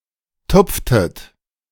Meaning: inflection of tupfen: 1. second-person plural preterite 2. second-person plural subjunctive II
- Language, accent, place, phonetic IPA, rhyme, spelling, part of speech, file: German, Germany, Berlin, [ˈtʊp͡ftət], -ʊp͡ftət, tupftet, verb, De-tupftet.ogg